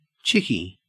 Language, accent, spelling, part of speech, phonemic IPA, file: English, Australia, chickie, noun, /ˈt͡ʃɪki/, En-au-chickie.ogg
- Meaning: 1. A woman 2. A chick, a baby chicken